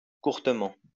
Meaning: shortly
- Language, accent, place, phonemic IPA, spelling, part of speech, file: French, France, Lyon, /kuʁ.tə.mɑ̃/, courtement, adverb, LL-Q150 (fra)-courtement.wav